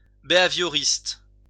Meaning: of behaviourism; behaviourist
- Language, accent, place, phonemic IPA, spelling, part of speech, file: French, France, Lyon, /be.a.vjɔ.ʁist/, béhavioriste, adjective, LL-Q150 (fra)-béhavioriste.wav